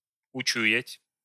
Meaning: 1. to smell, to nose out, to sense 2. to sense
- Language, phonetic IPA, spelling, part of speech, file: Russian, [ʊˈt͡ɕʉ(j)ɪtʲ], учуять, verb, Ru-учуять.ogg